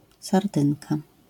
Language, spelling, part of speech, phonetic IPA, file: Polish, sardynka, noun, [sarˈdɨ̃nka], LL-Q809 (pol)-sardynka.wav